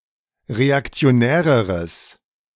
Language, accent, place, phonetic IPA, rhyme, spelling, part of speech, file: German, Germany, Berlin, [ʁeakt͡si̯oˈnɛːʁəʁəs], -ɛːʁəʁəs, reaktionäreres, adjective, De-reaktionäreres.ogg
- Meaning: strong/mixed nominative/accusative neuter singular comparative degree of reaktionär